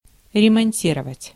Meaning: 1. to repair, to refit, to recondition, to overhaul, to renovate, to refurbish 2. to resupply (the cavalry) with horses
- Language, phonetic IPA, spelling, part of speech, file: Russian, [rʲɪmɐnʲˈtʲirəvətʲ], ремонтировать, verb, Ru-ремонтировать.ogg